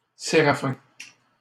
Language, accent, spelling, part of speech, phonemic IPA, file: French, Canada, séraphin, noun / adjective, /se.ʁa.fɛ̃/, LL-Q150 (fra)-séraphin.wav
- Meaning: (noun) 1. seraph 2. miser, scrooge; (adjective) miserly, avaricious, usurious, mean